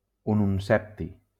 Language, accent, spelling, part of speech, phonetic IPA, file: Catalan, Valencia, ununsepti, noun, [u.nunˈsɛp.ti], LL-Q7026 (cat)-ununsepti.wav
- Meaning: ununseptium